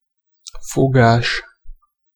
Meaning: 1. grip, grasp, catch 2. trick, knack, technique 3. course, dish
- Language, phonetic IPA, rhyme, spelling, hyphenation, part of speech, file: Hungarian, [ˈfoɡaːʃ], -aːʃ, fogás, fo‧gás, noun, Hu-fogás.ogg